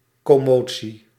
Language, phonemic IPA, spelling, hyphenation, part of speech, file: Dutch, /ˌkɔˈmoː.(t)si/, commotie, com‧mo‧tie, noun, Nl-commotie.ogg
- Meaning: commotion (agitation)